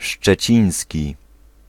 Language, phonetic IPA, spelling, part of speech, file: Polish, [ʃt͡ʃɛˈt͡ɕĩj̃sʲci], szczeciński, adjective, Pl-szczeciński.ogg